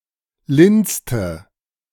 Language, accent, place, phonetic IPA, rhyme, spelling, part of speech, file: German, Germany, Berlin, [ˈlɪnt͡stə], -ɪnt͡stə, lindste, adjective, De-lindste.ogg
- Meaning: inflection of lind: 1. strong/mixed nominative/accusative feminine singular superlative degree 2. strong nominative/accusative plural superlative degree